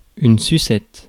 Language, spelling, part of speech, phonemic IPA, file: French, sucette, noun, /sy.sɛt/, Fr-sucette.ogg
- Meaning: 1. lollipop 2. dummy, pacifier 3. love bite, hickey